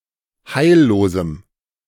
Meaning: strong dative masculine/neuter singular of heillos
- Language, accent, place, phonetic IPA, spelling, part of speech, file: German, Germany, Berlin, [ˈhaɪ̯lloːzm̩], heillosem, adjective, De-heillosem.ogg